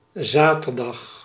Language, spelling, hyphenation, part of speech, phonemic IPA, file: Dutch, zaterdag, za‧ter‧dag, noun / adverb, /ˈzaːtərˌdɑx/, Nl-zaterdag.ogg
- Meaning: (noun) Saturday; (adverb) on Saturday